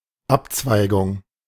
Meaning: branch (something that divides like the branch of a tree, especially of roads and rivers)
- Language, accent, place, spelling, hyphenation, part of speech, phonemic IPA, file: German, Germany, Berlin, Abzweigung, Ab‧zwei‧gung, noun, /ˈapt͡svaɪɡʊŋ/, De-Abzweigung.ogg